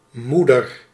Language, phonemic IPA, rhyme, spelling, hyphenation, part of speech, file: Dutch, /ˈmu.dər/, -udər, moeder, moe‧der, noun, Nl-moeder.ogg
- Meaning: 1. mother, female parent 2. womb